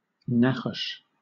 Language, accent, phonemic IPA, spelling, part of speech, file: English, Southern England, /ˈnɑxəs/, nachos, noun, LL-Q1860 (eng)-nachos.wav
- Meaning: Alternative form of naches